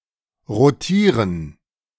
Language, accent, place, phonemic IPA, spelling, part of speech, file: German, Germany, Berlin, /ʁoˈtiːʁən/, rotieren, verb, De-rotieren.ogg
- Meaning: 1. to rotate, to spin 2. to be very busy